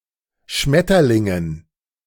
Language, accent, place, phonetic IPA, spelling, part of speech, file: German, Germany, Berlin, [ˈʃmɛtɐˌlɪŋən], Schmetterlingen, noun, De-Schmetterlingen.ogg
- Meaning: dative plural of Schmetterling